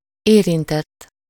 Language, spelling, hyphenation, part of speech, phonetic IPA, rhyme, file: Hungarian, érintett, érin‧tett, verb / adjective / noun, [ˈeːrintɛtː], -ɛtː, Hu-érintett.ogg
- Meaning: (verb) 1. third-person singular indicative past indefinite of érint 2. past participle of érint; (adjective) involved, afflicted, concerned